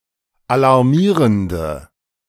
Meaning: inflection of alarmierend: 1. strong/mixed nominative/accusative feminine singular 2. strong nominative/accusative plural 3. weak nominative all-gender singular
- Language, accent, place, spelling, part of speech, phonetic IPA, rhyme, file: German, Germany, Berlin, alarmierende, adjective, [alaʁˈmiːʁəndə], -iːʁəndə, De-alarmierende.ogg